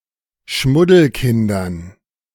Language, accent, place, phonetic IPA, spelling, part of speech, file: German, Germany, Berlin, [ˈʃmʊdl̩ˌkɪndɐn], Schmuddelkindern, noun, De-Schmuddelkindern.ogg
- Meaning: dative plural of Schmuddelkind